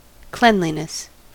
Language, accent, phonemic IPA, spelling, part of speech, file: English, US, /ˈklɛn.li.nᵻs/, cleanliness, noun, En-us-cleanliness.ogg
- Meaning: 1. The property of being cleanly, or habitually clean; good hygiene 2. Ritual purity